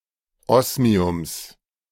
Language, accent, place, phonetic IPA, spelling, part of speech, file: German, Germany, Berlin, [ˈɔsmiʊms], Osmiums, noun, De-Osmiums.ogg
- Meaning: genitive singular of Osmium